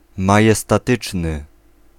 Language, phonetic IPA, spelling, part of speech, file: Polish, [ˌmajɛstaˈtɨt͡ʃnɨ], majestatyczny, adjective, Pl-majestatyczny.ogg